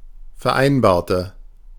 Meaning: inflection of vereinbaren: 1. first/third-person singular preterite 2. first/third-person singular subjunctive II
- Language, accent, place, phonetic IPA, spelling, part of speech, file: German, Germany, Berlin, [fɛɐ̯ˈʔaɪ̯nbaːɐ̯tə], vereinbarte, adjective / verb, De-vereinbarte.ogg